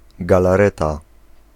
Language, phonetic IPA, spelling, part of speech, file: Polish, [ˌɡalaˈrɛta], galareta, noun, Pl-galareta.ogg